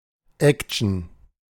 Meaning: 1. action (fast-paced, often violent activity or events) 2. a genre characterised by such activity 3. liveliness, activity 4. a legal action
- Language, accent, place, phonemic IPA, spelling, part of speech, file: German, Germany, Berlin, /ˈɛk.(t)ʃən/, Action, noun, De-Action.ogg